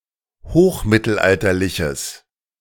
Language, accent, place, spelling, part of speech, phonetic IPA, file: German, Germany, Berlin, hochmittelalterliches, adjective, [ˈhoːxˌmɪtl̩ʔaltɐlɪçəs], De-hochmittelalterliches.ogg
- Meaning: strong/mixed nominative/accusative neuter singular of hochmittelalterlich